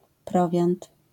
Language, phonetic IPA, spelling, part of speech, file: Polish, [ˈprɔvʲjãnt], prowiant, noun, LL-Q809 (pol)-prowiant.wav